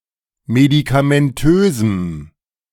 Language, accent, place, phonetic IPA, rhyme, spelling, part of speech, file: German, Germany, Berlin, [medikamɛnˈtøːzm̩], -øːzm̩, medikamentösem, adjective, De-medikamentösem.ogg
- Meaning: strong dative masculine/neuter singular of medikamentös